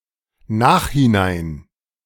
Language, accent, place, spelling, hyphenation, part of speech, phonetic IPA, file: German, Germany, Berlin, Nachhinein, Nach‧hin‧ein, noun, [ˈnaːxhɪˌnaɪ̯n], De-Nachhinein.ogg
- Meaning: only used in im Nachhinein